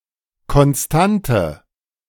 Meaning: constant
- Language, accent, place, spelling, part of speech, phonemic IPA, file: German, Germany, Berlin, Konstante, noun, /kɔnˈstantə/, De-Konstante.ogg